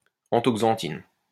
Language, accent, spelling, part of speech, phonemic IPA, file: French, France, anthoxanthine, noun, /ɑ̃.toɡ.zɑ̃.tin/, LL-Q150 (fra)-anthoxanthine.wav
- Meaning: anthoxanthin